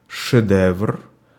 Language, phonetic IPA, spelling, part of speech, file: Russian, [ʂɨˈdɛvr], шедевр, noun, Ru-шедевр.ogg
- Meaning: masterpiece (piece of work that has been given much critical praise)